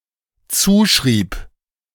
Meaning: first/third-person singular dependent preterite of zuschreiben
- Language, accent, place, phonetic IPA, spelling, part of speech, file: German, Germany, Berlin, [ˈt͡suːˌʃʁiːp], zuschrieb, verb, De-zuschrieb.ogg